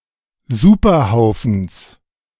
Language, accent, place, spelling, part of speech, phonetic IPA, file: German, Germany, Berlin, Superhaufens, noun, [ˈzuːpɐˌhaʊ̯fn̩s], De-Superhaufens.ogg
- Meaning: genitive singular of Superhaufen